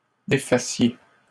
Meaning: second-person plural present subjunctive of défaire
- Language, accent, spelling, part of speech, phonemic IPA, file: French, Canada, défassiez, verb, /de.fa.sje/, LL-Q150 (fra)-défassiez.wav